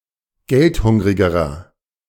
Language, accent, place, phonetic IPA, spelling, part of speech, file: German, Germany, Berlin, [ˈɡɛltˌhʊŋʁɪɡəʁɐ], geldhungrigerer, adjective, De-geldhungrigerer.ogg
- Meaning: inflection of geldhungrig: 1. strong/mixed nominative masculine singular comparative degree 2. strong genitive/dative feminine singular comparative degree 3. strong genitive plural comparative degree